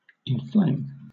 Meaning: 1. To set (someone or something) on fire; to cause (someone or something) to burn, flame, or glow; to kindle 2. To cause (something) to appear bright or red, as if on fire; to brighten, to redden
- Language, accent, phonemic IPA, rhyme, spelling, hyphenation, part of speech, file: English, Southern England, /ɪnˈfleɪm/, -eɪm, inflame, in‧flame, verb, LL-Q1860 (eng)-inflame.wav